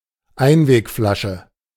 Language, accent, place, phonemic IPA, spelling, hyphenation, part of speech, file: German, Germany, Berlin, /ˈaɪ̯nveːkˌfɔɪ̯ɐt͡sɔɪ̯k/, Einwegflasche, Ein‧weg‧fla‧sche, noun, De-Einwegflasche.ogg
- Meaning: disposable bottle